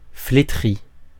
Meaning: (verb) past participle of flétrir; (adjective) withered, wizened
- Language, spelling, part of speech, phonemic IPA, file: French, flétri, verb / adjective, /fle.tʁi/, Fr-flétri.ogg